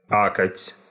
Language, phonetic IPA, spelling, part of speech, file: Russian, [ˈakətʲ], акать, verb, Ru-акать.ogg
- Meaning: to pronounce an unstressed о like an а (as seen in Central and Southern Russia, considered standard)